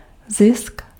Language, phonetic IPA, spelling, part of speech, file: Czech, [ˈzɪsk], zisk, noun, Cs-zisk.ogg
- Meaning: gain, profit